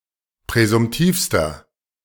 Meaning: inflection of präsumtiv: 1. strong/mixed nominative masculine singular superlative degree 2. strong genitive/dative feminine singular superlative degree 3. strong genitive plural superlative degree
- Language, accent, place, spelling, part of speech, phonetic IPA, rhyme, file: German, Germany, Berlin, präsumtivster, adjective, [pʁɛzʊmˈtiːfstɐ], -iːfstɐ, De-präsumtivster.ogg